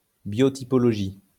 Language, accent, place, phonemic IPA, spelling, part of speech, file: French, France, Lyon, /bjɔ.ti.pɔ.lɔ.ʒi/, biotypologie, noun, LL-Q150 (fra)-biotypologie.wav
- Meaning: biotypology